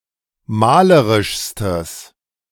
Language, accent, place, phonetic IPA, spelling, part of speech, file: German, Germany, Berlin, [ˈmaːləʁɪʃstəs], malerischstes, adjective, De-malerischstes.ogg
- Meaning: strong/mixed nominative/accusative neuter singular superlative degree of malerisch